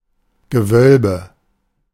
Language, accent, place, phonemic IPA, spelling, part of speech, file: German, Germany, Berlin, /ɡəˈvœlbə/, Gewölbe, noun, De-Gewölbe.ogg
- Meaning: vault